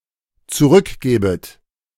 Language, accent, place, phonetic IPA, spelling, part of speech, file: German, Germany, Berlin, [t͡suˈʁʏkˌɡɛːbət], zurückgäbet, verb, De-zurückgäbet.ogg
- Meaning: second-person plural dependent subjunctive II of zurückgeben